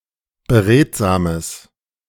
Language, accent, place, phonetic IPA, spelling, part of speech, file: German, Germany, Berlin, [bəˈʁeːtzaːməs], beredsames, adjective, De-beredsames.ogg
- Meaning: strong/mixed nominative/accusative neuter singular of beredsam